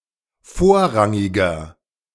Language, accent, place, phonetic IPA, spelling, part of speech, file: German, Germany, Berlin, [ˈfoːɐ̯ˌʁaŋɪɡɐ], vorrangiger, adjective, De-vorrangiger.ogg
- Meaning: inflection of vorrangig: 1. strong/mixed nominative masculine singular 2. strong genitive/dative feminine singular 3. strong genitive plural